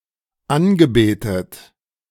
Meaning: past participle of anbeten
- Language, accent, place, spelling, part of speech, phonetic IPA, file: German, Germany, Berlin, angebetet, verb, [ˈanɡəˌbeːtət], De-angebetet.ogg